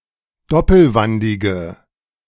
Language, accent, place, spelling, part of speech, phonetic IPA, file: German, Germany, Berlin, doppelwandige, adjective, [ˈdɔpl̩ˌvandɪɡə], De-doppelwandige.ogg
- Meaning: inflection of doppelwandig: 1. strong/mixed nominative/accusative feminine singular 2. strong nominative/accusative plural 3. weak nominative all-gender singular